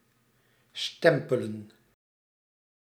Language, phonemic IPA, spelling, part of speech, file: Dutch, /ˈstɛmpələ(n)/, stempelen, verb, Nl-stempelen.ogg
- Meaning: 1. to stamp 2. to collect state benefits